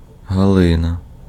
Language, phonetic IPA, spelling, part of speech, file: Ukrainian, [ɦɐˈɫɪnɐ], Галина, proper noun, Uk-Галина.ogg
- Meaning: a female given name, Galyna, equivalent to English Galina